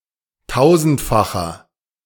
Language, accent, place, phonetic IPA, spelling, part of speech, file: German, Germany, Berlin, [ˈtaʊ̯zn̩tfaxɐ], tausendfacher, adjective, De-tausendfacher.ogg
- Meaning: inflection of tausendfach: 1. strong/mixed nominative masculine singular 2. strong genitive/dative feminine singular 3. strong genitive plural